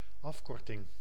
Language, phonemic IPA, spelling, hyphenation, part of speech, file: Dutch, /ˈɑfˌkɔrtɪŋ/, afkorting, af‧kor‧ting, noun, Nl-afkorting.ogg
- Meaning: 1. abbreviation 2. abridgement